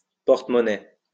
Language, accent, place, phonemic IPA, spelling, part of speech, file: French, France, Lyon, /pɔʁ.t(ə).mɔ.nɛ/, porte-monnaie, noun, LL-Q150 (fra)-porte-monnaie.wav
- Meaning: purse